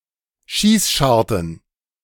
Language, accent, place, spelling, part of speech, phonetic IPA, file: German, Germany, Berlin, Schießscharten, noun, [ˈʃiːsˌʃaʁtn̩], De-Schießscharten.ogg
- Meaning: plural of Schießscharte